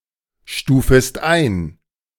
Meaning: second-person singular subjunctive I of einstufen
- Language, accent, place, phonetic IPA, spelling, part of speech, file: German, Germany, Berlin, [ˌʃtuːfəst ˈaɪ̯n], stufest ein, verb, De-stufest ein.ogg